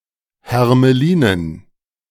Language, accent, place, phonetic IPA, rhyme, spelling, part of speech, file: German, Germany, Berlin, [hɛʁməˈliːnən], -iːnən, Hermelinen, noun, De-Hermelinen.ogg
- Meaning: dative plural of Hermelin